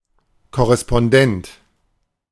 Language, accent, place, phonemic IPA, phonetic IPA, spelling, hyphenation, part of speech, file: German, Germany, Berlin, /kɔʁɛspɔnˈdɛnt/, [kʰɔʁɛspɔnˈdɛntʰ], Korrespondent, Kor‧re‧spon‧dent, noun, De-Korrespondent.ogg
- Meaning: correspondent (male or of unspecified gender) (of a news organisation)